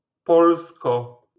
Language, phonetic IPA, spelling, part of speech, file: Polish, [ˈpɔlskɔ], Polsko, noun, LL-Q809 (pol)-Polsko.wav